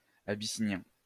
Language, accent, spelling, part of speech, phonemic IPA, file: French, France, abyssinien, adjective / noun, /a.bi.si.njɛ̃/, LL-Q150 (fra)-abyssinien.wav
- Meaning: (adjective) Abyssinian; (noun) Abyssinian (cat)